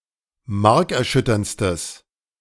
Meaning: strong/mixed nominative/accusative neuter singular superlative degree of markerschütternd
- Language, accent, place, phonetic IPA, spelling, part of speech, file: German, Germany, Berlin, [ˈmaʁkɛɐ̯ˌʃʏtɐnt͡stəs], markerschütterndstes, adjective, De-markerschütterndstes.ogg